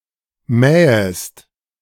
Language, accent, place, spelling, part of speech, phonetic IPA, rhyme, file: German, Germany, Berlin, mähest, verb, [ˈmɛːəst], -ɛːəst, De-mähest.ogg
- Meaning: second-person singular subjunctive I of mähen